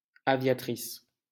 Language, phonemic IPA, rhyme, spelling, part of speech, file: French, /a.vja.tʁis/, -is, aviatrice, noun, LL-Q150 (fra)-aviatrice.wav
- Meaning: female equivalent of aviateur